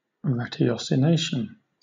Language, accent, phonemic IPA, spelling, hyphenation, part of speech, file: English, Southern England, /ɹætɪˌɒsɪˈneɪʃn̩/, ratiocination, ra‧ti‧o‧ci‧na‧tion, noun, LL-Q1860 (eng)-ratiocination.wav
- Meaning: 1. Reasoning, conscious deliberate inference; the activity or process of reasoning 2. Thought or reasoning that is exact, valid and rational 3. A proposition arrived at by such thought